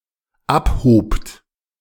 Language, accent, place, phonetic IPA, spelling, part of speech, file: German, Germany, Berlin, [ˈapˌhoːpt], abhobt, verb, De-abhobt.ogg
- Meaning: second-person plural dependent preterite of abheben